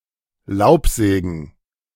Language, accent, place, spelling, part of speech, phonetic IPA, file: German, Germany, Berlin, Laubsägen, noun, [ˈlaʊ̯pˌzɛːɡn̩], De-Laubsägen.ogg
- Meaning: plural of Laubsäge